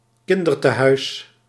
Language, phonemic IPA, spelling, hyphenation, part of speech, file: Dutch, /ˈkɪn.dər.təˌɦœy̯s/, kindertehuis, kin‧der‧te‧huis, noun, Nl-kindertehuis.ogg
- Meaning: children's home, orphanage (institution where children, e.g. orphans or abandoned children, are raised)